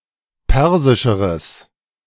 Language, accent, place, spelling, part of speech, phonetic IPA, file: German, Germany, Berlin, persischeres, adjective, [ˈpɛʁzɪʃəʁəs], De-persischeres.ogg
- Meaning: strong/mixed nominative/accusative neuter singular comparative degree of persisch